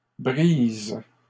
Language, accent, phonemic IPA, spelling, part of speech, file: French, Canada, /bʁiz/, brises, verb, LL-Q150 (fra)-brises.wav
- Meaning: second-person singular present indicative/subjunctive of briser